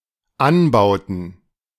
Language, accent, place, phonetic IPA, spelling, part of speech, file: German, Germany, Berlin, [ˈanbaʊ̯tn̩], Anbauten, noun, De-Anbauten.ogg
- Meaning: plural of Anbau